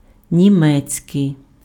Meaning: German
- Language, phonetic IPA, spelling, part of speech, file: Ukrainian, [nʲiˈmɛt͡sʲkei̯], німецький, adjective, Uk-німецький.ogg